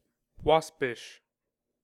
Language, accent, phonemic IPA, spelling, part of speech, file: English, US, /ˈwɑ.spɪʃ/, waspish, adjective, En-us-waspish.ogg
- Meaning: 1. Suggestive of the behaviour of a wasp 2. Spiteful or irascible